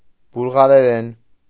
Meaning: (noun) Bulgarian (language); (adverb) in Bulgarian; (adjective) Bulgarian (of or pertaining to the language)
- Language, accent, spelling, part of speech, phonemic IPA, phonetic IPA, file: Armenian, Eastern Armenian, բուլղարերեն, noun / adverb / adjective, /bulʁɑɾeˈɾen/, [bulʁɑɾeɾén], Hy-բուլղարերեն.ogg